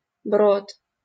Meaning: ford
- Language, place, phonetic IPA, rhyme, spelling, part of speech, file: Russian, Saint Petersburg, [brot], -ot, брод, noun, LL-Q7737 (rus)-брод.wav